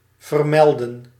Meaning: 1. to mention, to note 2. to announce, to proclaim
- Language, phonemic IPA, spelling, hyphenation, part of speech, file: Dutch, /vərˈmɛl.də(n)/, vermelden, ver‧me‧lden, verb, Nl-vermelden.ogg